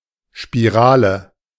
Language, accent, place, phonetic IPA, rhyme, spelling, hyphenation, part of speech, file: German, Germany, Berlin, [ʃpiˈʁaːlə], -aːlə, Spirale, Spi‧ra‧le, noun, De-Spirale.ogg
- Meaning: 1. spiral 2. intrauterine device